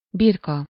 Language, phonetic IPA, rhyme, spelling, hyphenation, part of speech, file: Hungarian, [ˈbirkɒ], -kɒ, birka, bir‧ka, noun, Hu-birka.ogg
- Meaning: 1. sheep 2. mutton, lamb (meat) 3. sheep (person who unquestioningly accepts as true whatever their political leaders say or who adopts popular opinion as their own without scrutiny)